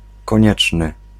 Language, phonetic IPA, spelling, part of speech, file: Polish, [kɔ̃ˈɲɛt͡ʃnɨ], konieczny, adjective, Pl-konieczny.ogg